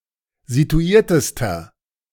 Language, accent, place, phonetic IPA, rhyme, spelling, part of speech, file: German, Germany, Berlin, [zituˈiːɐ̯təstɐ], -iːɐ̯təstɐ, situiertester, adjective, De-situiertester.ogg
- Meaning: inflection of situiert: 1. strong/mixed nominative masculine singular superlative degree 2. strong genitive/dative feminine singular superlative degree 3. strong genitive plural superlative degree